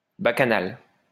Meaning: 1. a loud, annoying noise 2. a revolt amongst the peasantry
- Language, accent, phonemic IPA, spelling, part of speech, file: French, France, /ba.ka.nal/, bacchanal, noun, LL-Q150 (fra)-bacchanal.wav